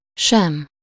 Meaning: 1. …, neither (or not…, either) 2. not even 3. neither… nor…
- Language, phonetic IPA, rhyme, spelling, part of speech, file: Hungarian, [ˈʃɛm], -ɛm, sem, conjunction, Hu-sem.ogg